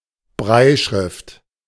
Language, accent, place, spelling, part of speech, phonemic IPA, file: German, Germany, Berlin, Brailleschrift, noun, /ˈbʁaːjəʃʁɪft/, De-Brailleschrift.ogg
- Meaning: Braille (system of writing using raised dots)